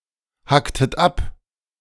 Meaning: inflection of abhacken: 1. second-person plural preterite 2. second-person plural subjunctive II
- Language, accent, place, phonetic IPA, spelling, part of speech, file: German, Germany, Berlin, [ˌhaktət ˈap], hacktet ab, verb, De-hacktet ab.ogg